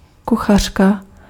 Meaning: 1. cookbook 2. female cook
- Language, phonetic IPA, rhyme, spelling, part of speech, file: Czech, [ˈkuxar̝̊ka], -ar̝̊ka, kuchařka, noun, Cs-kuchařka.ogg